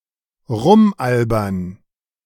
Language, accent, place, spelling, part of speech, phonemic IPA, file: German, Germany, Berlin, rumalbern, verb, /ˈʁʊmˌʔalbɐn/, De-rumalbern.ogg
- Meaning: to goof off, to fuck around